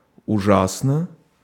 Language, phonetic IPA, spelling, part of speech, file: Russian, [ʊˈʐasnə], ужасно, adverb / adjective, Ru-ужасно.ogg
- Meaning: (adverb) 1. terribly, horribly 2. very, awfully, frightfully; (adjective) 1. it is terrible, it is horrible 2. short neuter singular of ужа́сный (užásnyj)